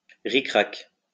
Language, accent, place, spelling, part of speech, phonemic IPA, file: French, France, Lyon, ric-rac, adverb, /ʁi.kʁak/, LL-Q150 (fra)-ric-rac.wav
- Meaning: 1. spot on; exactly 2. just about